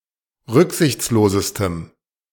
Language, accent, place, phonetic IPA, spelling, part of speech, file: German, Germany, Berlin, [ˈʁʏkzɪçt͡sloːzəstəm], rücksichtslosestem, adjective, De-rücksichtslosestem.ogg
- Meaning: strong dative masculine/neuter singular superlative degree of rücksichtslos